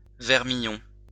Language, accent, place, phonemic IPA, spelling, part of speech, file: French, France, Lyon, /vɛʁ.mi.jɔ̃/, vermillon, noun, LL-Q150 (fra)-vermillon.wav
- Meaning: 1. cinnabar 2. vermilion